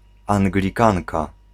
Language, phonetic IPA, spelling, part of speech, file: Polish, [ˌãŋɡlʲiˈkãnka], anglikanka, noun, Pl-anglikanka.ogg